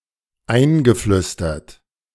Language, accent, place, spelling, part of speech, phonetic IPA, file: German, Germany, Berlin, eingeflüstert, verb, [ˈaɪ̯nɡəˌflʏstɐt], De-eingeflüstert.ogg
- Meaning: past participle of einflüstern